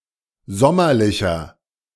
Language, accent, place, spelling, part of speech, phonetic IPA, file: German, Germany, Berlin, sommerlicher, adjective, [ˈzɔmɐlɪçɐ], De-sommerlicher.ogg
- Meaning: 1. comparative degree of sommerlich 2. inflection of sommerlich: strong/mixed nominative masculine singular 3. inflection of sommerlich: strong genitive/dative feminine singular